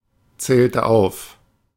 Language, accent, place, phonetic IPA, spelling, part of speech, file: German, Germany, Berlin, [ˌt͡sɛːltə ˈaʊ̯f], zählte auf, verb, De-zählte auf.ogg
- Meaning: inflection of aufzählen: 1. first/third-person singular preterite 2. first/third-person singular subjunctive II